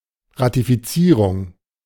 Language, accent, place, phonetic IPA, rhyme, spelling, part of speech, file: German, Germany, Berlin, [ʁatifiˈt͡siːʁʊŋ], -iːʁʊŋ, Ratifizierung, noun, De-Ratifizierung.ogg
- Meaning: ratification